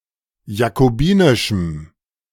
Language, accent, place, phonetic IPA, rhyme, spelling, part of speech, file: German, Germany, Berlin, [jakoˈbiːnɪʃm̩], -iːnɪʃm̩, jakobinischem, adjective, De-jakobinischem.ogg
- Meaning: strong dative masculine/neuter singular of jakobinisch